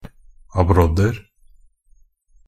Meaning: indefinite plural of abrodd
- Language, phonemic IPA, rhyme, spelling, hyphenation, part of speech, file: Norwegian Bokmål, /aˈbrɔdːər/, -ər, abrodder, ab‧rodd‧er, noun, NB - Pronunciation of Norwegian Bokmål «abrodder».ogg